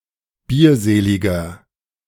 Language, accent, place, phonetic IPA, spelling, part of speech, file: German, Germany, Berlin, [ˈbiːɐ̯ˌzeːlɪɡɐ], bierseliger, adjective, De-bierseliger.ogg
- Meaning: 1. comparative degree of bierselig 2. inflection of bierselig: strong/mixed nominative masculine singular 3. inflection of bierselig: strong genitive/dative feminine singular